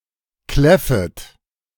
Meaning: second-person plural subjunctive I of kläffen
- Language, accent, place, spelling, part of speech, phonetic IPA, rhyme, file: German, Germany, Berlin, kläffet, verb, [ˈklɛfət], -ɛfət, De-kläffet.ogg